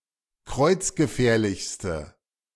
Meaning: inflection of kreuzgefährlich: 1. strong/mixed nominative/accusative feminine singular superlative degree 2. strong nominative/accusative plural superlative degree
- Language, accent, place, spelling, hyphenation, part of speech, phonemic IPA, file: German, Germany, Berlin, kreuzgefährlichste, kreuz‧ge‧fähr‧lichs‧te, adjective, /ˈkʁɔɪ̯t͡s̯ɡəˌfɛːɐ̯lɪçstə/, De-kreuzgefährlichste.ogg